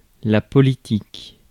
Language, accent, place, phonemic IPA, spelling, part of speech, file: French, France, Paris, /pɔ.li.tik/, politique, adjective / noun, Fr-politique.ogg
- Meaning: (adjective) political; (noun) 1. politics 2. policy 3. politician 4. the political world, the political sphere; politicians taken collectively